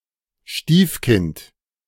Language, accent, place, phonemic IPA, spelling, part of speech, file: German, Germany, Berlin, /ˈʃtiːfˌkɪnt/, Stiefkind, noun, De-Stiefkind.ogg
- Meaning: stepchild